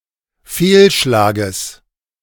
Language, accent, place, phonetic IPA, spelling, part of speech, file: German, Germany, Berlin, [ˈfeːlˌʃlaːɡəs], Fehlschlages, noun, De-Fehlschlages.ogg
- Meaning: genitive singular of Fehlschlag